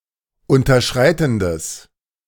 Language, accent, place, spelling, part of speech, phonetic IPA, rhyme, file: German, Germany, Berlin, unterschreitendes, adjective, [ˌʊntɐˈʃʁaɪ̯tn̩dəs], -aɪ̯tn̩dəs, De-unterschreitendes.ogg
- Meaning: strong/mixed nominative/accusative neuter singular of unterschreitend